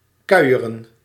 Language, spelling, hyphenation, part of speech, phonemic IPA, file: Dutch, kuieren, kui‧e‧ren, verb, /ˈkœy̯.ə.rə(n)/, Nl-kuieren.ogg
- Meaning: 1. to walk leisurely, to gad, to gallivant 2. to chat